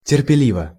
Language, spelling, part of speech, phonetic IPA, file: Russian, терпеливо, adverb / adjective, [tʲɪrpʲɪˈlʲivə], Ru-терпеливо.ogg
- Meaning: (adverb) patiently (in a patient manner); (adjective) short neuter singular of терпели́вый (terpelívyj)